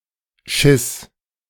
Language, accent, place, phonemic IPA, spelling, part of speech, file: German, Germany, Berlin, /ʃɪs/, Schiss, noun, De-Schiss.ogg
- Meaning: 1. shitting, defecation 2. shit, feces 3. fear